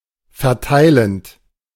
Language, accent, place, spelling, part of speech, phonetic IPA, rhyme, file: German, Germany, Berlin, verteilend, verb, [fɛɐ̯ˈtaɪ̯lənt], -aɪ̯lənt, De-verteilend.ogg
- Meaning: present participle of verteilen